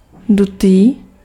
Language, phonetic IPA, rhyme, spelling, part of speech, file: Czech, [ˈdutiː], -utiː, dutý, adjective, Cs-dutý.ogg
- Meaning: hollow (having an empty space inside)